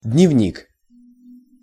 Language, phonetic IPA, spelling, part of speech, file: Russian, [dʲnʲɪvˈnʲik], дневник, noun, Ru-дневник.ogg
- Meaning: 1. diary 2. journal, datebook, daybook 3. school record book